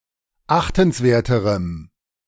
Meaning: strong dative masculine/neuter singular comparative degree of achtenswert
- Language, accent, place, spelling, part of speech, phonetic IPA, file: German, Germany, Berlin, achtenswerterem, adjective, [ˈaxtn̩sˌveːɐ̯təʁəm], De-achtenswerterem.ogg